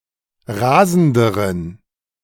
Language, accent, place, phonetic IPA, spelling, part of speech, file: German, Germany, Berlin, [ˈʁaːzn̩dəʁən], rasenderen, adjective, De-rasenderen.ogg
- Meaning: inflection of rasend: 1. strong genitive masculine/neuter singular comparative degree 2. weak/mixed genitive/dative all-gender singular comparative degree